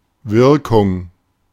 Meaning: 1. effect 2. action 3. appeal, impression
- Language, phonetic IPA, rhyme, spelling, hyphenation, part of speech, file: German, [ˈvɪʁkʊŋ], -ɪʁkʊŋ, Wirkung, Wir‧kung, noun, De-Wirkung.oga